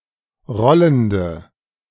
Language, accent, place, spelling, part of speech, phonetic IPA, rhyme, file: German, Germany, Berlin, rollende, adjective, [ˈʁɔləndə], -ɔləndə, De-rollende.ogg
- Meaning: inflection of rollend: 1. strong/mixed nominative/accusative feminine singular 2. strong nominative/accusative plural 3. weak nominative all-gender singular 4. weak accusative feminine/neuter singular